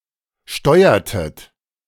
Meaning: inflection of steuern: 1. second-person plural preterite 2. second-person plural subjunctive II
- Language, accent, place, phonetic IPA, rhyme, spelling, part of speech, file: German, Germany, Berlin, [ˈʃtɔɪ̯ɐtət], -ɔɪ̯ɐtət, steuertet, verb, De-steuertet.ogg